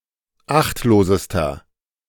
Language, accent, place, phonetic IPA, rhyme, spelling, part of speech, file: German, Germany, Berlin, [ˈaxtloːzəstɐ], -axtloːzəstɐ, achtlosester, adjective, De-achtlosester.ogg
- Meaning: inflection of achtlos: 1. strong/mixed nominative masculine singular superlative degree 2. strong genitive/dative feminine singular superlative degree 3. strong genitive plural superlative degree